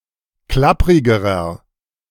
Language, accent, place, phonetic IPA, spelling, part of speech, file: German, Germany, Berlin, [ˈklapʁɪɡəʁɐ], klapprigerer, adjective, De-klapprigerer.ogg
- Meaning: inflection of klapprig: 1. strong/mixed nominative masculine singular comparative degree 2. strong genitive/dative feminine singular comparative degree 3. strong genitive plural comparative degree